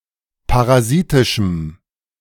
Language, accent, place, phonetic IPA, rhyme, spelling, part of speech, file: German, Germany, Berlin, [paʁaˈziːtɪʃm̩], -iːtɪʃm̩, parasitischem, adjective, De-parasitischem.ogg
- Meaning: strong dative masculine/neuter singular of parasitisch